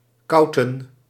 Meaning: 1. to talk, to speak 2. to banter, to chit-chat, to babble
- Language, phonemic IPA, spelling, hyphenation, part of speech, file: Dutch, /ˈkɑu̯.tə(n)/, kouten, kou‧ten, verb, Nl-kouten.ogg